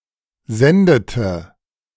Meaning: inflection of senden: 1. first/third-person singular preterite 2. first/third-person singular subjunctive II
- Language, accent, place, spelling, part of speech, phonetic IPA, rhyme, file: German, Germany, Berlin, sendete, verb, [ˈzɛndətə], -ɛndətə, De-sendete.ogg